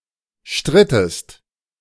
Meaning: inflection of streiten: 1. second-person singular preterite 2. second-person singular subjunctive II
- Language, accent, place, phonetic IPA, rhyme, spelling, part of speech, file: German, Germany, Berlin, [ˈʃtʁɪtəst], -ɪtəst, strittest, verb, De-strittest.ogg